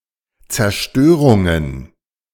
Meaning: plural of Zerstörung
- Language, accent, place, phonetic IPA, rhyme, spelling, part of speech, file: German, Germany, Berlin, [t͡sɛɐ̯ˈʃtøːʁʊŋən], -øːʁʊŋən, Zerstörungen, noun, De-Zerstörungen.ogg